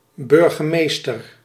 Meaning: 1. mayor, burgomaster (head of a city or municipality) 2. one of two species of gull: synonym of kleine burgemeester (“Larus glaucoides”)
- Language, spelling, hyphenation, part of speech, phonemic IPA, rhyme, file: Dutch, burgemeester, bur‧ge‧mees‧ter, noun, /ˌbʏr.ɣəˈmeːs.tər/, -eːstər, Nl-burgemeester.ogg